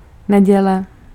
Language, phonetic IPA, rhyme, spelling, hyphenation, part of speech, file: Czech, [ˈnɛɟɛlɛ], -ɛlɛ, neděle, ne‧dě‧le, noun, Cs-neděle.ogg
- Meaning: 1. Sunday 2. week